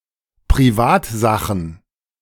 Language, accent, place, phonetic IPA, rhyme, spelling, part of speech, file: German, Germany, Berlin, [pʁiˈvaːtˌzaxn̩], -aːtzaxn̩, Privatsachen, noun, De-Privatsachen.ogg
- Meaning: plural of Privatsache